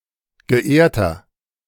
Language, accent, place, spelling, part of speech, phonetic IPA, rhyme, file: German, Germany, Berlin, geehrter, adjective, [ɡəˈʔeːɐ̯tɐ], -eːɐ̯tɐ, De-geehrter.ogg
- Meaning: inflection of geehrt: 1. strong/mixed nominative masculine singular 2. strong genitive/dative feminine singular 3. strong genitive plural